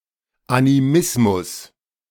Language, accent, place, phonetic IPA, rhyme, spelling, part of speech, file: German, Germany, Berlin, [aniˈmɪsmʊs], -ɪsmʊs, Animismus, noun, De-Animismus.ogg
- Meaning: animism